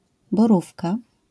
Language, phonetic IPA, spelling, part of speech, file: Polish, [bɔˈrufka], borówka, noun, LL-Q809 (pol)-borówka.wav